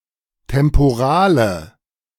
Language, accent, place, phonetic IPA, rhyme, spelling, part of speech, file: German, Germany, Berlin, [tɛmpoˈʁaːlə], -aːlə, temporale, adjective, De-temporale.ogg
- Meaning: inflection of temporal: 1. strong/mixed nominative/accusative feminine singular 2. strong nominative/accusative plural 3. weak nominative all-gender singular